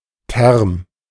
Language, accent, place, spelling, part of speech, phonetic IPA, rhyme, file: German, Germany, Berlin, Term, noun, [tɛʁm], -ɛʁm, De-Term.ogg
- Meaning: term